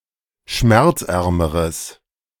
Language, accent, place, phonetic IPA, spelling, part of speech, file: German, Germany, Berlin, [ˈʃmɛʁt͡sˌʔɛʁməʁəs], schmerzärmeres, adjective, De-schmerzärmeres.ogg
- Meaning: strong/mixed nominative/accusative neuter singular comparative degree of schmerzarm